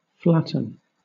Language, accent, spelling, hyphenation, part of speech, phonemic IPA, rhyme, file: English, Southern England, flatten, flat‧ten, verb, /ˈflæ.tən/, -ætən, LL-Q1860 (eng)-flatten.wav
- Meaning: 1. To make something flat or flatter 2. To press one's body tightly against a surface, such as a wall or floor, especially in order to avoid being seen or harmed 3. To knock down or lay low